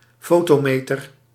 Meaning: photometer
- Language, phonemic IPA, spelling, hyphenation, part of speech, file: Dutch, /ˈfoː.toːˌmeː.tər/, fotometer, fo‧to‧me‧ter, noun, Nl-fotometer.ogg